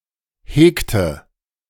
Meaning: inflection of hegen: 1. first/third-person singular preterite 2. first/third-person singular subjunctive II
- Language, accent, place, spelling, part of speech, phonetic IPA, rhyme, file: German, Germany, Berlin, hegte, verb, [ˈheːktə], -eːktə, De-hegte.ogg